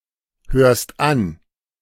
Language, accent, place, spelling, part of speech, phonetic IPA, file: German, Germany, Berlin, hörst an, verb, [ˌhøːɐ̯st ˈan], De-hörst an.ogg
- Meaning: second-person singular present of anhören